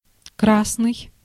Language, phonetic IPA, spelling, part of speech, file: Russian, [ˈkrasnɨj], красный, adjective / noun, Ru-красный.ogg
- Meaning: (adjective) 1. red 2. beautiful; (noun) a Red; a member of the Red Guard